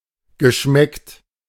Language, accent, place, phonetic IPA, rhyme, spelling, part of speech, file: German, Germany, Berlin, [ɡəˈʃmɛkt], -ɛkt, geschmeckt, verb, De-geschmeckt.ogg
- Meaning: past participle of schmecken